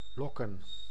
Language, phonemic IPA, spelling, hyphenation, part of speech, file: Dutch, /ˈlɔ.kə(n)/, lokken, lok‧ken, verb / noun, Nl-lokken.ogg
- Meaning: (verb) to attract, lure, bait; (noun) plural of lok